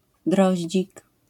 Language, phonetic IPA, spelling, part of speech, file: Polish, [ˈdrɔʑd͡ʑik], droździk, noun, LL-Q809 (pol)-droździk.wav